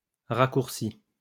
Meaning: inflection of raccourcir: 1. first/second-person singular present indicative 2. first/second-person singular past historic 3. second-person singular imperative
- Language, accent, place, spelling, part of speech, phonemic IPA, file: French, France, Lyon, raccourcis, verb, /ʁa.kuʁ.si/, LL-Q150 (fra)-raccourcis.wav